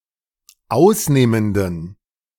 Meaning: inflection of ausnehmend: 1. strong genitive masculine/neuter singular 2. weak/mixed genitive/dative all-gender singular 3. strong/weak/mixed accusative masculine singular 4. strong dative plural
- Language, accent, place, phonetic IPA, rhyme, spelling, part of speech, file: German, Germany, Berlin, [ˈaʊ̯sˌneːməndn̩], -aʊ̯sneːməndn̩, ausnehmenden, adjective, De-ausnehmenden.ogg